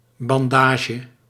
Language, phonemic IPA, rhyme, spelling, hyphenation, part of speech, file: Dutch, /ˌbɑnˈdaːʒə/, -aːʒə, bandage, ban‧da‧ge, noun, Nl-bandage.ogg
- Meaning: bandage